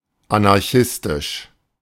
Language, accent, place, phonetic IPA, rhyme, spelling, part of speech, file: German, Germany, Berlin, [anaʁˈçɪstɪʃ], -ɪstɪʃ, anarchistisch, adjective, De-anarchistisch.ogg
- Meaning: anarchistic